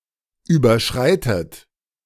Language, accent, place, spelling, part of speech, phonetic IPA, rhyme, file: German, Germany, Berlin, überschreitet, verb, [ˌyːbɐˈʃʁaɪ̯tət], -aɪ̯tət, De-überschreitet.ogg
- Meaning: inflection of überschreiten: 1. third-person singular present 2. second-person plural present 3. second-person plural subjunctive I 4. plural imperative